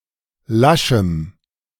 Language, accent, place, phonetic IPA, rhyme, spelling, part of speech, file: German, Germany, Berlin, [ˈlaʃm̩], -aʃm̩, laschem, adjective, De-laschem.ogg
- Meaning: strong dative masculine/neuter singular of lasch